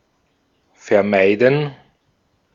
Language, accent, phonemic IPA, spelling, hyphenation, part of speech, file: German, Austria, /fɛɐ̯ˈmaɪ̯dən/, vermeiden, ver‧mei‧den, verb, De-at-vermeiden.ogg
- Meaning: to avoid (something happening, doing something)